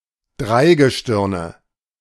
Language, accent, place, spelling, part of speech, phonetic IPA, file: German, Germany, Berlin, Dreigestirne, noun, [ˈdʁaɪ̯ɡəˌʃtɪʁnə], De-Dreigestirne.ogg
- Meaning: nominative/accusative/genitive plural of Dreigestirn